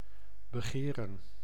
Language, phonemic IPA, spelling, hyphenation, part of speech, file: Dutch, /bəˈɣeːrə(n)/, begeren, be‧ge‧ren, verb, Nl-begeren.ogg
- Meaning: to covet